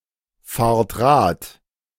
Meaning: inflection of Rad fahren: 1. second-person plural present 2. plural imperative
- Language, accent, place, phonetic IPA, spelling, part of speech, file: German, Germany, Berlin, [ˌfaːɐ̯t ˈʁaːt], fahrt Rad, verb, De-fahrt Rad.ogg